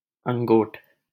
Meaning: the formation or creation of the body; the structure of the body
- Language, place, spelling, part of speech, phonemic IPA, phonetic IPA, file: Hindi, Delhi, अंगोट, noun, /əŋ.ɡoːʈ/, [ɐ̃ŋ.ɡoːʈ], LL-Q1568 (hin)-अंगोट.wav